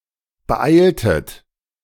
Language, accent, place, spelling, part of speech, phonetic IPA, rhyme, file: German, Germany, Berlin, beeiltet, verb, [bəˈʔaɪ̯ltət], -aɪ̯ltət, De-beeiltet.ogg
- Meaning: inflection of beeilen: 1. second-person plural preterite 2. second-person plural subjunctive II